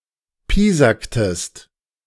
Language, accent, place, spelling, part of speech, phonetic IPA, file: German, Germany, Berlin, piesacktest, verb, [ˈpiːzaktəst], De-piesacktest.ogg
- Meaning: inflection of piesacken: 1. second-person singular preterite 2. second-person singular subjunctive II